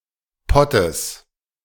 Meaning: genitive singular of Pott
- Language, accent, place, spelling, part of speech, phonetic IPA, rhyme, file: German, Germany, Berlin, Pottes, noun, [ˈpɔtəs], -ɔtəs, De-Pottes.ogg